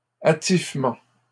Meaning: decoration, decking out
- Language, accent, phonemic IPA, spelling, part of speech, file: French, Canada, /a.tif.mɑ̃/, attifement, noun, LL-Q150 (fra)-attifement.wav